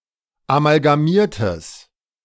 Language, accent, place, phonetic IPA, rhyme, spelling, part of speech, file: German, Germany, Berlin, [amalɡaˈmiːɐ̯təs], -iːɐ̯təs, amalgamiertes, adjective, De-amalgamiertes.ogg
- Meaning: strong/mixed nominative/accusative neuter singular of amalgamiert